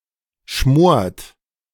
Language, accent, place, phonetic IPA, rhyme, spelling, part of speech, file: German, Germany, Berlin, [ʃmoːɐ̯t], -oːɐ̯t, schmort, verb, De-schmort.ogg
- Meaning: inflection of schmoren: 1. third-person singular present 2. second-person plural present 3. plural imperative